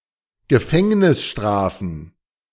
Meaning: plural of Gefängnisstrafe
- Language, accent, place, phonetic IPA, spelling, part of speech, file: German, Germany, Berlin, [ɡəˈfɛŋnɪsˌʃtʁaːfn̩], Gefängnisstrafen, noun, De-Gefängnisstrafen.ogg